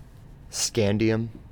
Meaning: A metallic chemical element (symbol Sc), atomic number 21, obtained from some uranium ores; it is a transition element
- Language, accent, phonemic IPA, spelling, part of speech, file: English, US, /ˈskændi.əm/, scandium, noun, En-us-scandium.ogg